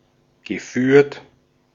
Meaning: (verb) past participle of führen; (adjective) 1. guided, conducted 2. managed, administered
- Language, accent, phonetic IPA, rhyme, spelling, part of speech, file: German, Austria, [ɡəˈfyːɐ̯t], -yːɐ̯t, geführt, verb, De-at-geführt.ogg